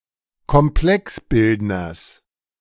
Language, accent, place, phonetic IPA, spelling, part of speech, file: German, Germany, Berlin, [kɔmˈplɛksˌbɪldnɐs], Komplexbildners, noun, De-Komplexbildners.ogg
- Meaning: genitive singular of Komplexbildner